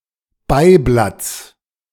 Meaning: genitive singular of Beiblatt
- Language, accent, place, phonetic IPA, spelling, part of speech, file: German, Germany, Berlin, [ˈbaɪ̯ˌblat͡s], Beiblatts, noun, De-Beiblatts.ogg